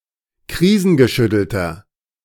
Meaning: inflection of krisengeschüttelt: 1. strong/mixed nominative masculine singular 2. strong genitive/dative feminine singular 3. strong genitive plural
- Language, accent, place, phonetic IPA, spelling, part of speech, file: German, Germany, Berlin, [ˈkʁiːzn̩ɡəˌʃʏtl̩tɐ], krisengeschüttelter, adjective, De-krisengeschüttelter.ogg